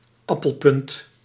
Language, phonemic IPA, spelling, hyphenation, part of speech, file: Dutch, /ˈɑ.pəlˌpʏnt/, appelpunt, ap‧pel‧punt, noun, Nl-appelpunt.ogg
- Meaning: a piece/slice of apple pie